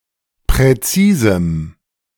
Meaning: 1. strong dative masculine/neuter singular of präzis 2. strong dative masculine/neuter singular of präzise
- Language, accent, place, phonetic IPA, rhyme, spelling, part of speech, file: German, Germany, Berlin, [pʁɛˈt͡siːzm̩], -iːzm̩, präzisem, adjective, De-präzisem.ogg